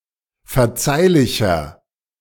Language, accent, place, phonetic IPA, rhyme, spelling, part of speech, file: German, Germany, Berlin, [fɛɐ̯ˈt͡saɪ̯lɪçɐ], -aɪ̯lɪçɐ, verzeihlicher, adjective, De-verzeihlicher.ogg
- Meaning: 1. comparative degree of verzeihlich 2. inflection of verzeihlich: strong/mixed nominative masculine singular 3. inflection of verzeihlich: strong genitive/dative feminine singular